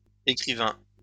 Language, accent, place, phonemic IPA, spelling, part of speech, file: French, France, Lyon, /e.kʁi.vɛ̃/, écrivains, noun, LL-Q150 (fra)-écrivains.wav
- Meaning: plural of écrivain